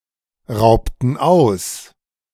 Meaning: inflection of ausrauben: 1. first/third-person plural preterite 2. first/third-person plural subjunctive II
- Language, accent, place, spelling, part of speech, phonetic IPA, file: German, Germany, Berlin, raubten aus, verb, [ˌʁaʊ̯ptn̩ ˈaʊ̯s], De-raubten aus.ogg